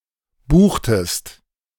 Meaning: inflection of buchen: 1. second-person singular preterite 2. second-person singular subjunctive II
- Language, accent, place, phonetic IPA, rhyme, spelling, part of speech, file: German, Germany, Berlin, [ˈbuːxtəst], -uːxtəst, buchtest, verb, De-buchtest.ogg